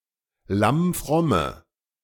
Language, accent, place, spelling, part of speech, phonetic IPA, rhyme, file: German, Germany, Berlin, lammfromme, adjective, [ˌlamˈfʁɔmə], -ɔmə, De-lammfromme.ogg
- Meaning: inflection of lammfromm: 1. strong/mixed nominative/accusative feminine singular 2. strong nominative/accusative plural 3. weak nominative all-gender singular